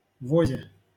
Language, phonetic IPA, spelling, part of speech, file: Russian, [ˈvozʲe], возе, noun, LL-Q7737 (rus)-возе.wav
- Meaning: prepositional singular of воз (voz)